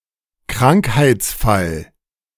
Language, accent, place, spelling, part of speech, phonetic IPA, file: German, Germany, Berlin, Krankheitsfall, noun, [ˈkʁaŋkhaɪ̯t͡sˌfal], De-Krankheitsfall.ogg
- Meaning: case / occurrence of illness